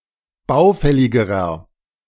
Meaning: inflection of baufällig: 1. strong/mixed nominative masculine singular comparative degree 2. strong genitive/dative feminine singular comparative degree 3. strong genitive plural comparative degree
- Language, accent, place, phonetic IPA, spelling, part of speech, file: German, Germany, Berlin, [ˈbaʊ̯ˌfɛlɪɡəʁɐ], baufälligerer, adjective, De-baufälligerer.ogg